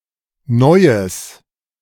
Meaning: nominalization of neues: something new
- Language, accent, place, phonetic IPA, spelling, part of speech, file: German, Germany, Berlin, [ˈnɔɪ̯əs], Neues, noun, De-Neues.ogg